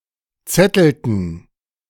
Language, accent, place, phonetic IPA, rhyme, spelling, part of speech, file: German, Germany, Berlin, [ˈt͡sɛtl̩tn̩], -ɛtl̩tn̩, zettelten, verb, De-zettelten.ogg
- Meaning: inflection of zetteln: 1. first/third-person plural preterite 2. first/third-person plural subjunctive II